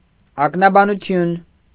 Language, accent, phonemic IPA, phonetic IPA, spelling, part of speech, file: Armenian, Eastern Armenian, /ɑknɑbɑnuˈtʰjun/, [ɑknɑbɑnut͡sʰjún], ակնաբանություն, noun, Hy-ակնաբանություն.ogg
- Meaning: ophthalmology